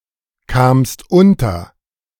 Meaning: second-person singular preterite of unterkommen
- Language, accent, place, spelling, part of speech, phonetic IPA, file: German, Germany, Berlin, kamst unter, verb, [ˌkaːmst ˈʊntɐ], De-kamst unter.ogg